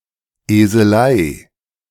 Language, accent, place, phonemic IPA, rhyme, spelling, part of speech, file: German, Germany, Berlin, /ˌeːzəˈlaɪ̯/, -aɪ̯, Eselei, noun, De-Eselei.ogg
- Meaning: asininity, folly